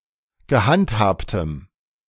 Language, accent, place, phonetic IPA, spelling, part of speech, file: German, Germany, Berlin, [ɡəˈhantˌhaːptəm], gehandhabtem, adjective, De-gehandhabtem.ogg
- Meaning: strong dative masculine/neuter singular of gehandhabt